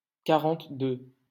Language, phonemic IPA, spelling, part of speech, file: French, /ka.ʁɑ̃t.dø/, quarante-deux, numeral, LL-Q150 (fra)-quarante-deux.wav
- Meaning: forty-two